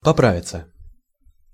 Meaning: 1. to get well, to recover, to be well again 2. to gain weight, to put on weight 3. to correct oneself 4. (intransitive) to improve 5. passive of попра́вить (poprávitʹ)
- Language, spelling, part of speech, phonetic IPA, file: Russian, поправиться, verb, [pɐˈpravʲɪt͡sə], Ru-поправиться.ogg